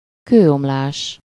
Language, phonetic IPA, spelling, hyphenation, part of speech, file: Hungarian, [ˈkøːomlaːʃ], kőomlás, kő‧om‧lás, noun, Hu-kőomlás.ogg
- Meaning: rockfall, rockslide